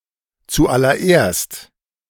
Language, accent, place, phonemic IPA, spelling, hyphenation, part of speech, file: German, Germany, Berlin, /t͡suːˌʔalɐˈʔeːɐ̯st/, zuallererst, zu‧al‧ler‧erst, adverb, De-zuallererst.ogg
- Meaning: first of all